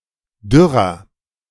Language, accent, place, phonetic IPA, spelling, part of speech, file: German, Germany, Berlin, [ˈdʏʁɐ], dürrer, adjective, De-dürrer.ogg
- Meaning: 1. comparative degree of dürr 2. inflection of dürr: strong/mixed nominative masculine singular 3. inflection of dürr: strong genitive/dative feminine singular